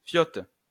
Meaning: faggot; poof
- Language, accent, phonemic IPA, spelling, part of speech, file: French, France, /fjɔt/, fiotte, noun, LL-Q150 (fra)-fiotte.wav